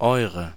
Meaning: inflection of euer (“your (plural) (referring to a feminine or plural noun in the nominative or accusative)”): 1. nominative/accusative feminine singular 2. nominative/accusative plural
- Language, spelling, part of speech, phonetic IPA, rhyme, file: German, eure, determiner, [ˈɔɪ̯ʁə], -ɔɪ̯ʁə, De-eure.ogg